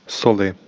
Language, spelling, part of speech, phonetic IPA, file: Czech, soli, noun, [ˈsolɪ], Cs-soli.ogg
- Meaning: inflection of sůl: 1. genitive/dative/vocative/locative singular 2. nominative/accusative/vocative plural